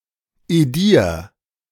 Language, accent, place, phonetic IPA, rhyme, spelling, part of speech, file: German, Germany, Berlin, [eˈdiːɐ̯], -iːɐ̯, edier, verb, De-edier.ogg
- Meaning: 1. singular imperative of edieren 2. first-person singular present of edieren